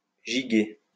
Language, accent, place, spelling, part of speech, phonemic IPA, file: French, France, Lyon, giguer, verb, /ʒi.ɡe/, LL-Q150 (fra)-giguer.wav
- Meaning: 1. to dance the jig 2. to dance, gambol, prance, frolic